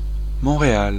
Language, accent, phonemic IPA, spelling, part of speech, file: French, France, /mɔ̃.ʁe.al/, Montréal, proper noun, Fr-Montréal.ogg
- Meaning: 1. Montreal (an island on which is situated the largest city in Quebec, Canada) 2. Montréal (a commune of Ardèche department, Auvergne-Rhône-Alpes, France)